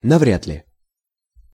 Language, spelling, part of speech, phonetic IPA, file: Russian, навряд ли, adverb, [nɐˈvrʲad‿lʲɪ], Ru-навряд ли.ogg
- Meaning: 1. hardly, unlikely, hardly likely (used to express doubt about the veracity of some statement) 2. I don’t think so